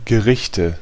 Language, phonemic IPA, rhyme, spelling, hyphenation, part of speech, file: German, /ɡəˈʁɪçtə/, -ɪçtə, Gerichte, Ge‧rich‧te, noun, De-Gerichte.ogg
- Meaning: nominative/accusative/genitive plural of Gericht